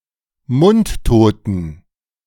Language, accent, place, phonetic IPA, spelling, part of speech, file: German, Germany, Berlin, [ˈmʊntˌtoːtn̩], mundtoten, adjective, De-mundtoten.ogg
- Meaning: inflection of mundtot: 1. strong genitive masculine/neuter singular 2. weak/mixed genitive/dative all-gender singular 3. strong/weak/mixed accusative masculine singular 4. strong dative plural